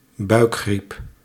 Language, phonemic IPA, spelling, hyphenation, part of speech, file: Dutch, /ˈbœy̯k.xrip/, buikgriep, buik‧griep, noun, Nl-buikgriep.ogg
- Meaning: tummy bug, gastroenteritis